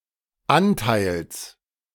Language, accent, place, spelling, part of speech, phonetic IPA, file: German, Germany, Berlin, Anteils, noun, [ˈantaɪ̯ls], De-Anteils.ogg
- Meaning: genitive singular of Anteil